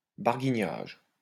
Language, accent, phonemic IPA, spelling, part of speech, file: French, France, /baʁ.ɡi.ɲaʒ/, barguignage, noun, LL-Q150 (fra)-barguignage.wav
- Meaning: 1. hesitation 2. bargaining, haggling